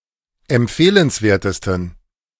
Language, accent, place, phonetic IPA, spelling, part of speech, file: German, Germany, Berlin, [ɛmˈp͡feːlənsˌveːɐ̯təstn̩], empfehlenswertesten, adjective, De-empfehlenswertesten.ogg
- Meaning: 1. superlative degree of empfehlenswert 2. inflection of empfehlenswert: strong genitive masculine/neuter singular superlative degree